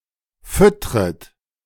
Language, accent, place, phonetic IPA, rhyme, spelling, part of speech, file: German, Germany, Berlin, [ˈfʏtʁət], -ʏtʁət, füttret, verb, De-füttret.ogg
- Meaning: second-person plural subjunctive I of füttern